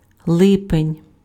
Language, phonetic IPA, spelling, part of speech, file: Ukrainian, [ˈɫɪpenʲ], липень, noun, Uk-липень.ogg
- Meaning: July